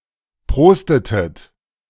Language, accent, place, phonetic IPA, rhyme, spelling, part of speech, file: German, Germany, Berlin, [ˈpʁoːstətət], -oːstətət, prostetet, verb, De-prostetet.ogg
- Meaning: inflection of prosten: 1. second-person plural preterite 2. second-person plural subjunctive II